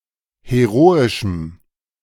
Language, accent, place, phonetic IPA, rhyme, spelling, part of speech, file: German, Germany, Berlin, [heˈʁoːɪʃm̩], -oːɪʃm̩, heroischem, adjective, De-heroischem.ogg
- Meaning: strong dative masculine/neuter singular of heroisch